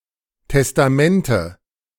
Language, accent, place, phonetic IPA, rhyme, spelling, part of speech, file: German, Germany, Berlin, [tɛstaˈmɛntə], -ɛntə, Testamente, noun, De-Testamente.ogg
- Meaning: nominative/accusative/genitive plural of Testament